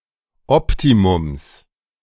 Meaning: genitive of Optimum
- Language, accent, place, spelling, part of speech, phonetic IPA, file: German, Germany, Berlin, Optimums, noun, [ˈɔptimʊms], De-Optimums.ogg